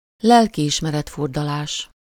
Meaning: compunction, pangs of conscience, remorse, guilty conscience
- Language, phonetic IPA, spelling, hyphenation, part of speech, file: Hungarian, [ˈlɛlkiiʃmɛrɛtfurdɒlaːʃ], lelkiismeret-furdalás, lel‧ki‧is‧me‧ret-‧fur‧da‧lás, noun, Hu-lelkiismeret-furdalás.ogg